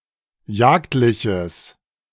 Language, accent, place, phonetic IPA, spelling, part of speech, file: German, Germany, Berlin, [ˈjaːktlɪçəs], jagdliches, adjective, De-jagdliches.ogg
- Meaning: strong/mixed nominative/accusative neuter singular of jagdlich